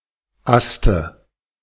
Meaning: dative singular of Ast
- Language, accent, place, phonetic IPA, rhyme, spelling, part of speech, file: German, Germany, Berlin, [ˈastə], -astə, Aste, noun, De-Aste.ogg